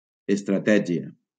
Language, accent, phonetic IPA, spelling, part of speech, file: Catalan, Valencia, [es.tɾaˈtɛ.d͡ʒi.a], estratègia, noun, LL-Q7026 (cat)-estratègia.wav
- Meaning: strategy